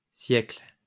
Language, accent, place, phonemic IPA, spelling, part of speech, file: French, France, Lyon, /sjɛkl/, siècles, noun, LL-Q150 (fra)-siècles.wav
- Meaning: plural of siècle